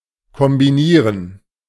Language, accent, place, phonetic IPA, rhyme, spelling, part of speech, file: German, Germany, Berlin, [kɔmbiˈniːʁən], -iːʁən, kombinieren, verb, De-kombinieren.ogg
- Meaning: 1. to combine 2. to deduct